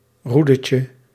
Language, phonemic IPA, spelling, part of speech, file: Dutch, /ˈrudəcə/, roedetje, noun, Nl-roedetje.ogg
- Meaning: diminutive of roede